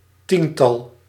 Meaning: 1. a group of ten 2. a multiple of ten which is less than a hundred
- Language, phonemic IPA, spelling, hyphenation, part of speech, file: Dutch, /ˈtintɑl/, tiental, tien‧tal, noun, Nl-tiental.ogg